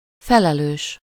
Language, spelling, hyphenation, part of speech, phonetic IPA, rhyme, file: Hungarian, felelős, fe‧le‧lős, adjective / noun, [ˈfɛlɛløːʃ], -øːʃ, Hu-felelős.ogg
- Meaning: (adjective) responsible; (noun) chief, head (a person who is responsible or is in charge)